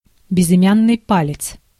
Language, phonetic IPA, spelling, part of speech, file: Russian, [bʲɪzɨˈmʲanːɨj ˈpalʲɪt͡s], безымянный палец, noun, Ru-безымянный палец.ogg
- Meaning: ring finger